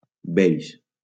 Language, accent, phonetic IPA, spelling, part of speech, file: Catalan, Valencia, [ˈbejʃ], beix, adjective, LL-Q7026 (cat)-beix.wav
- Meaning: beige